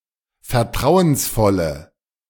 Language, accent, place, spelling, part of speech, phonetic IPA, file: German, Germany, Berlin, vertrauensvolle, adjective, [fɛɐ̯ˈtʁaʊ̯ənsˌfɔlə], De-vertrauensvolle.ogg
- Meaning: inflection of vertrauensvoll: 1. strong/mixed nominative/accusative feminine singular 2. strong nominative/accusative plural 3. weak nominative all-gender singular